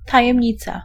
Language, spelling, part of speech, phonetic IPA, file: Polish, tajemnica, noun, [ˌtajɛ̃mʲˈɲit͡sa], Pl-tajemnica.ogg